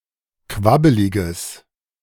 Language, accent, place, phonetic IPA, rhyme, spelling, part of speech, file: German, Germany, Berlin, [ˈkvabəlɪɡəs], -abəlɪɡəs, quabbeliges, adjective, De-quabbeliges.ogg
- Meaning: strong/mixed nominative/accusative neuter singular of quabbelig